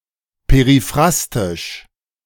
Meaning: periphrastic
- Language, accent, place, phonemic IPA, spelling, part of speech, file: German, Germany, Berlin, /peʁiˈfʁastɪʃ/, periphrastisch, adjective, De-periphrastisch.ogg